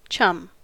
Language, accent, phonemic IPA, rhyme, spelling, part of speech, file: English, US, /t͡ʃʌm/, -ʌm, chum, noun / verb, En-us-chum.ogg
- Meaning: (noun) 1. A friend; a pal 2. A roommate, especially in a college or university; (verb) 1. To share rooms with someone; to live together 2. To lodge (somebody) with another person or people